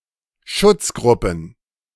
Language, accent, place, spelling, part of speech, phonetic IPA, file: German, Germany, Berlin, Schutzgruppen, noun, [ˈʃʊt͡sˌɡʁʊpn̩], De-Schutzgruppen.ogg
- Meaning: plural of Schutzgruppe